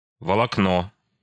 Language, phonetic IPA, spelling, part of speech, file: Russian, [vəɫɐkˈno], волокно, noun, Ru-волокно.ogg
- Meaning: 1. fibre, filament 2. grain (of wood)